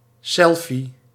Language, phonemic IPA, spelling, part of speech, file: Dutch, /sɛlfi/, selfie, noun, Nl-selfie.ogg
- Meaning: selfie